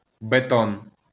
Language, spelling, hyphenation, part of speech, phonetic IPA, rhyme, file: Ukrainian, бетон, бе‧тон, noun, [beˈtɔn], -ɔn, LL-Q8798 (ukr)-бетон.wav
- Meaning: concrete